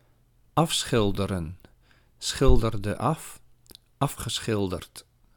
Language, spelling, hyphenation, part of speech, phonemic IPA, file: Dutch, afschilderen, af‧schil‧de‧ren, verb, /ˈɑfsxɪldərə(n)/, Nl-afschilderen.ogg
- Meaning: 1. to portray, to paint, to depict 2. to finish painting